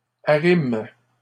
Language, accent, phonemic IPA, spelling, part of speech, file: French, Canada, /a.ʁim/, arriment, verb, LL-Q150 (fra)-arriment.wav
- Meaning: third-person plural present indicative/subjunctive of arrimer